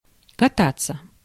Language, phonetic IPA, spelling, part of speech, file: Russian, [kɐˈtat͡sːə], кататься, verb, Ru-кататься.ogg
- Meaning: 1. to ride in a vehicle 2. to roll (abstract verb), see кати́ться (katítʹsja) 3. to ride on skis, skates, bicycle, or snowboard 4. passive of ката́ть (katátʹ)